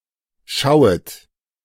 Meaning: second-person plural subjunctive I of schauen
- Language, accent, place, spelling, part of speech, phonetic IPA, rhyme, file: German, Germany, Berlin, schauet, verb, [ˈʃaʊ̯ət], -aʊ̯ət, De-schauet.ogg